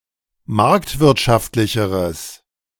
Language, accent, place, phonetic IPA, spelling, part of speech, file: German, Germany, Berlin, [ˈmaʁktvɪʁtʃaftlɪçəʁəs], marktwirtschaftlicheres, adjective, De-marktwirtschaftlicheres.ogg
- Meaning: strong/mixed nominative/accusative neuter singular comparative degree of marktwirtschaftlich